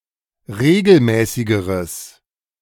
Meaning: strong/mixed nominative/accusative neuter singular comparative degree of regelmäßig
- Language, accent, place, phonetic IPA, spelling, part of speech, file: German, Germany, Berlin, [ˈʁeːɡl̩ˌmɛːsɪɡəʁəs], regelmäßigeres, adjective, De-regelmäßigeres.ogg